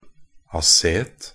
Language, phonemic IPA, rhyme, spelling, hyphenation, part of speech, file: Norwegian Bokmål, /aˈseːt/, -eːt, acet-, a‧cet-, prefix, Nb-acet-.ogg
- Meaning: acet- (containing a methyl group bonded to a carbonyl group)